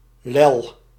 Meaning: 1. slap 2. lobe 3. wattle (of a bird) 4. snood (flap of erectile red skin on the beak of a male turkey)
- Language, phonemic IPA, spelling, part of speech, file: Dutch, /lɛl/, lel, noun / verb, Nl-lel.ogg